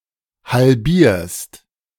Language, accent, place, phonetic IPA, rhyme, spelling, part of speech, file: German, Germany, Berlin, [halˈbiːɐ̯st], -iːɐ̯st, halbierst, verb, De-halbierst.ogg
- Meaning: second-person singular present of halbieren